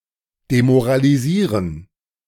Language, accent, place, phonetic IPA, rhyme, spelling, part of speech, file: German, Germany, Berlin, [demoʁaliˈziːʁən], -iːʁən, demoralisieren, verb, De-demoralisieren.ogg
- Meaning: to demoralize